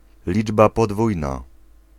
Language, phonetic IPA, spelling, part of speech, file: Polish, [ˈlʲid͡ʒba pɔˈdvujna], liczba podwójna, noun, Pl-liczba podwójna.ogg